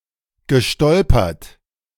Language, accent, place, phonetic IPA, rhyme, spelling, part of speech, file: German, Germany, Berlin, [ɡəˈʃtɔlpɐt], -ɔlpɐt, gestolpert, verb, De-gestolpert.ogg
- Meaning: past participle of stolpern